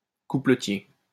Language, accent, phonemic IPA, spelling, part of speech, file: French, France, /ku.plə.tje/, coupletier, noun, LL-Q150 (fra)-coupletier.wav
- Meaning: rhymester